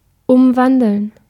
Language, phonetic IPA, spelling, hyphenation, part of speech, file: German, [ˈʔʊmˌvandəln], Umwandeln, Um‧wan‧deln, noun, De-umwandeln.ogg
- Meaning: gerund of umwandeln